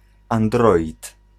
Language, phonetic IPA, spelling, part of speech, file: Polish, [ãnˈdrɔʲit], android, noun, Pl-android.ogg